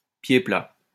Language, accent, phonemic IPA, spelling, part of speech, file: French, France, /pje pla/, pied plat, noun, LL-Q150 (fra)-pied plat.wav
- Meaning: flatfoot